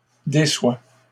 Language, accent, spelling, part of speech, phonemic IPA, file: French, Canada, déçoit, verb, /de.swa/, LL-Q150 (fra)-déçoit.wav
- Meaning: third-person singular present indicative of décevoir